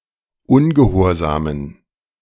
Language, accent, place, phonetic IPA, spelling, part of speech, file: German, Germany, Berlin, [ˈʊnɡəˌhoːɐ̯zaːmən], ungehorsamen, adjective, De-ungehorsamen.ogg
- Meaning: inflection of ungehorsam: 1. strong genitive masculine/neuter singular 2. weak/mixed genitive/dative all-gender singular 3. strong/weak/mixed accusative masculine singular 4. strong dative plural